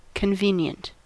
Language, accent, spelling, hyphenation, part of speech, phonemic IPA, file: English, US, convenient, con‧ve‧nient, adjective, /kənˈvi.njənt/, En-us-convenient.ogg
- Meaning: 1. Serving to reduce a difficulty, or accessible with minimum difficulty; expedient 2. Suspicious due to suiting someone's purposes very well 3. Fit; suitable; appropriate